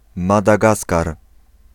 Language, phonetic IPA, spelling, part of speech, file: Polish, [ˌmadaˈɡaskar], Madagaskar, proper noun, Pl-Madagaskar.ogg